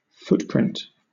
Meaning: 1. The impression of the foot in a soft substance such as sand or snow 2. Space required by a piece of equipment 3. The amount of hard drive space required for a program
- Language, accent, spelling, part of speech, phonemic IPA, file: English, Southern England, footprint, noun, /ˈfʊtpɹɪnt/, LL-Q1860 (eng)-footprint.wav